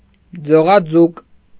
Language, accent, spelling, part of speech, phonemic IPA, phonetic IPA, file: Armenian, Eastern Armenian, ձողաձուկ, noun, /d͡zoʁɑˈd͡zuk/, [d͡zoʁɑd͡zúk], Hy-ձողաձուկ.ogg
- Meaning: cod (fish)